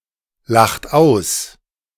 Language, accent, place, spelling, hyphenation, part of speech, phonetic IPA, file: German, Germany, Berlin, lacht aus, lacht aus, verb, [ˌlaxt ˈaʊ̯s], De-lacht aus.ogg
- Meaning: inflection of auslachen: 1. second-person plural present 2. third-person singular present 3. plural imperative